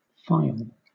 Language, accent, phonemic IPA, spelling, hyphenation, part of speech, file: English, Southern England, /ˈfaɪəl/, phial, phi‧al, noun / verb, LL-Q1860 (eng)-phial.wav